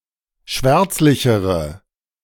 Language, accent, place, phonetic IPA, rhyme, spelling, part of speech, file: German, Germany, Berlin, [ˈʃvɛʁt͡slɪçəʁə], -ɛʁt͡slɪçəʁə, schwärzlichere, adjective, De-schwärzlichere.ogg
- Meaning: inflection of schwärzlich: 1. strong/mixed nominative/accusative feminine singular comparative degree 2. strong nominative/accusative plural comparative degree